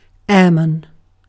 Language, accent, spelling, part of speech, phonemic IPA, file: English, UK, airman, noun, /ˈɛə.mən/, En-uk-airman.ogg
- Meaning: 1. A pilot of an aircraft 2. A person employed in one of several aviation-adjacent professions other than flight crew, such as a mechanic or air traffic controller 3. A member of an air force